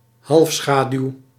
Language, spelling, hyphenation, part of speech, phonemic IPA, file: Dutch, halfschaduw, half‧scha‧duw, noun, /ˈɦɑlfˌsxaː.dyu̯/, Nl-halfschaduw.ogg
- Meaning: penumbra